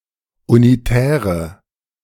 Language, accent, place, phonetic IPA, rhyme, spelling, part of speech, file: German, Germany, Berlin, [uniˈtɛːʁə], -ɛːʁə, unitäre, adjective, De-unitäre.ogg
- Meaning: inflection of unitär: 1. strong/mixed nominative/accusative feminine singular 2. strong nominative/accusative plural 3. weak nominative all-gender singular 4. weak accusative feminine/neuter singular